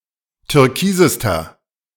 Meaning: inflection of türkis: 1. strong/mixed nominative masculine singular superlative degree 2. strong genitive/dative feminine singular superlative degree 3. strong genitive plural superlative degree
- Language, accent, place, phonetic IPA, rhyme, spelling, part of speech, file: German, Germany, Berlin, [tʏʁˈkiːzəstɐ], -iːzəstɐ, türkisester, adjective, De-türkisester.ogg